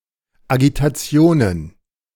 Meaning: plural of Agitation
- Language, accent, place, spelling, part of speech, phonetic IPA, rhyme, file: German, Germany, Berlin, Agitationen, noun, [aɡitaˈt͡si̯oːnən], -oːnən, De-Agitationen.ogg